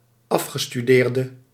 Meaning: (verb) inflection of afgestudeerd: 1. masculine/feminine singular attributive 2. definite neuter singular attributive 3. plural attributive; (noun) 1. graduate 2. alumnus
- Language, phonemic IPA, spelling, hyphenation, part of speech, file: Dutch, /ˈɑf.xə.styˌdeːr.də/, afgestudeerde, af‧ge‧stu‧deer‧de, verb / noun, Nl-afgestudeerde.ogg